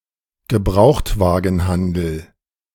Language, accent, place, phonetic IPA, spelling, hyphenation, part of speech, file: German, Germany, Berlin, [ɡəˈbʁaʊ̯xtvaːɡn̩ˌhandl̩], Gebrauchtwagenhandel, Ge‧braucht‧wa‧gen‧han‧del, noun, De-Gebrauchtwagenhandel.ogg
- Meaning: used-car trading business